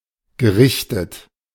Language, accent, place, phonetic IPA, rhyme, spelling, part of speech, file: German, Germany, Berlin, [ɡəˈʁɪçtət], -ɪçtət, gerichtet, verb, De-gerichtet.ogg
- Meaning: past participle of richten